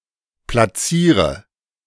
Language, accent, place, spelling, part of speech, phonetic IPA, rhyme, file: German, Germany, Berlin, platziere, verb, [plaˈt͡siːʁə], -iːʁə, De-platziere.ogg
- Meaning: inflection of platzieren: 1. first-person singular present 2. first/third-person singular subjunctive I 3. singular imperative